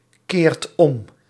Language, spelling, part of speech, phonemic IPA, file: Dutch, keert om, verb, /ˈkert ˈɔm/, Nl-keert om.ogg
- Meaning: inflection of omkeren: 1. second/third-person singular present indicative 2. plural imperative